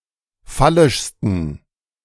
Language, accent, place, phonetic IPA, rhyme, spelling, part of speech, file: German, Germany, Berlin, [ˈfalɪʃstn̩], -alɪʃstn̩, phallischsten, adjective, De-phallischsten.ogg
- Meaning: 1. superlative degree of phallisch 2. inflection of phallisch: strong genitive masculine/neuter singular superlative degree